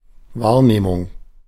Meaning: perception
- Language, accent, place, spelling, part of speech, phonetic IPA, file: German, Germany, Berlin, Wahrnehmung, noun, [ˈvaːɐ̯neːmʊŋ], De-Wahrnehmung.ogg